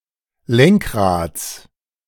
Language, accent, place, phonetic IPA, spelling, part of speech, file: German, Germany, Berlin, [ˈlɛŋkˌʁaːt͡s], Lenkrads, noun, De-Lenkrads.ogg
- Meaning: genitive singular of Lenkrad